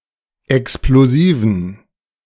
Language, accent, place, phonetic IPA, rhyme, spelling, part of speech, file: German, Germany, Berlin, [ɛksploˈziːvn̩], -iːvn̩, explosiven, adjective, De-explosiven.ogg
- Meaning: inflection of explosiv: 1. strong genitive masculine/neuter singular 2. weak/mixed genitive/dative all-gender singular 3. strong/weak/mixed accusative masculine singular 4. strong dative plural